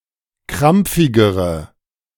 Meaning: inflection of krampfig: 1. strong/mixed nominative/accusative feminine singular comparative degree 2. strong nominative/accusative plural comparative degree
- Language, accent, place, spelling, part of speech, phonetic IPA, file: German, Germany, Berlin, krampfigere, adjective, [ˈkʁamp͡fɪɡəʁə], De-krampfigere.ogg